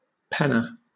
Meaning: 1. One who pens; a writer 2. A case for holding pens
- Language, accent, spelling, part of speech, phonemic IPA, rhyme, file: English, Southern England, penner, noun, /ˈpɛnə(ɹ)/, -ɛnə(ɹ), LL-Q1860 (eng)-penner.wav